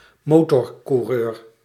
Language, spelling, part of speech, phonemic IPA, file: Dutch, motorcoureur, noun, /ˈmotɔrkuˌrør/, Nl-motorcoureur.ogg
- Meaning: motorcycle racer